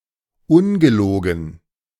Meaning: truly
- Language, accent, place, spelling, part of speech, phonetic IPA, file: German, Germany, Berlin, ungelogen, adverb, [ˈʊnɡəˌloːɡn̩], De-ungelogen.ogg